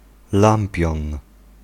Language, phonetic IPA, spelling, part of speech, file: Polish, [ˈlãmpʲjɔ̃n], lampion, noun, Pl-lampion.ogg